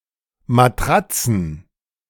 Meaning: plural of Matratze
- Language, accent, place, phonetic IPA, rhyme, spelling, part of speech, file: German, Germany, Berlin, [maˈtʁat͡sn̩], -at͡sn̩, Matratzen, noun, De-Matratzen.ogg